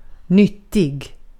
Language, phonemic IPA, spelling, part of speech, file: Swedish, /²nʏtɪ(ɡ)/, nyttig, adjective, Sv-nyttig.ogg
- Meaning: 1. useful 2. healthy, nutritional